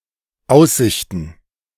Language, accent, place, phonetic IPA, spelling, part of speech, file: German, Germany, Berlin, [ˈaʊ̯sˌz̥ɪçtn̩], Aussichten, noun, De-Aussichten.ogg
- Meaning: plural of Aussicht